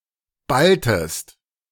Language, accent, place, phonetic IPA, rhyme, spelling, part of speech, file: German, Germany, Berlin, [ˈbaltəst], -altəst, balltest, verb, De-balltest.ogg
- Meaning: inflection of ballen: 1. second-person singular preterite 2. second-person singular subjunctive II